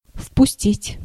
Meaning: to let in, to admit
- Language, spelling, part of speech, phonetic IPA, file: Russian, впустить, verb, [fpʊˈsʲtʲitʲ], Ru-впустить.ogg